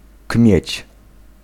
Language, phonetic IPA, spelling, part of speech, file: Polish, [kmʲjɛ̇t͡ɕ], kmieć, noun, Pl-kmieć.ogg